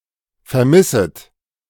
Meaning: second-person plural subjunctive I of vermissen
- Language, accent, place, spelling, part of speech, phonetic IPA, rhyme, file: German, Germany, Berlin, vermisset, verb, [fɛɐ̯ˈmɪsət], -ɪsət, De-vermisset.ogg